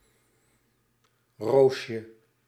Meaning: diminutive of roos
- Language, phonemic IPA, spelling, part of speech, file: Dutch, /ˈroʃə/, roosje, noun, Nl-roosje.ogg